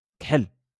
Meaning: black
- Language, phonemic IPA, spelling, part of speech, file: Moroccan Arabic, /kħal/, كحل, adjective, LL-Q56426 (ary)-كحل.wav